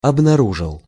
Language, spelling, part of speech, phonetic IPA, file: Russian, обнаружил, verb, [ɐbnɐˈruʐɨɫ], Ru-обнаружил.ogg
- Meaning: masculine singular past indicative perfective of обнару́жить (obnarúžitʹ)